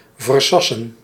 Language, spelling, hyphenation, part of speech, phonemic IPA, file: Dutch, versassen, ver‧sas‧sen, verb, /vərˈsɑ.sə(n)/, Nl-versassen.ogg
- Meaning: to transit, to ship through